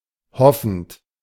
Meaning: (verb) present participle of hoffen; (adjective) hoping
- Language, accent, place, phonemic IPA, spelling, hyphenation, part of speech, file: German, Germany, Berlin, /ˈhɔfənt/, hoffend, hof‧fend, verb / adjective, De-hoffend.ogg